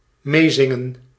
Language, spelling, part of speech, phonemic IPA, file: Dutch, meezingen, verb, /ˈmeːzɪŋə(n)/, Nl-meezingen.ogg
- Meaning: to sing along